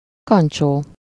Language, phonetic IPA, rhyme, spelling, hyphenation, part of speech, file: Hungarian, [ˈkɒnt͡ʃoː], -t͡ʃoː, kancsó, kan‧csó, noun, Hu-kancsó.ogg
- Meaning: 1. jug, pitcher (a large serving vessel with a handle) 2. jugful, pitcherful, a pitcher of (as much as a jug or pitcher will hold)